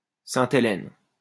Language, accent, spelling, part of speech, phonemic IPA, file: French, France, Sainte-Hélène, proper noun, /sɛ̃.te.lɛn/, LL-Q150 (fra)-Sainte-Hélène.wav
- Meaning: Saint Helena (an island and constituent part of the British overseas territory of Saint Helena, Ascension and Tristan da Cunha, located in the South Atlantic Ocean)